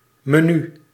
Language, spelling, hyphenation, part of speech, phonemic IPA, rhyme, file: Dutch, menu, me‧nu, noun, /məˈny/, -y, Nl-menu.ogg
- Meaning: menu